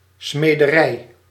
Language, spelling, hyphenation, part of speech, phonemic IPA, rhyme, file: Dutch, smederij, sme‧de‧rij, noun, /ˌsmeː.dəˈrɛi̯/, -ɛi̯, Nl-smederij.ogg
- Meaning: smithy, smithery (location)